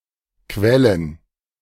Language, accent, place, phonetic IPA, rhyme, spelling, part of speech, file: German, Germany, Berlin, [ˈkvɛlən], -ɛlən, Quellen, noun, De-Quellen.ogg
- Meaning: plural of Quelle